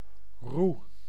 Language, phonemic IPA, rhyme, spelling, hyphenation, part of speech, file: Dutch, /ru/, -u, roe, roe, noun, Nl-roe.ogg
- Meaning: 1. alternative form of roede 2. bundle of twigs, especially in Sinterklaas folklore